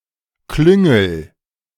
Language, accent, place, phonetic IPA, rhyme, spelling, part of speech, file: German, Germany, Berlin, [ˈklʏŋl̩], -ʏŋl̩, klüngel, verb, De-klüngel.ogg
- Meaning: inflection of klüngeln: 1. first-person singular present 2. singular imperative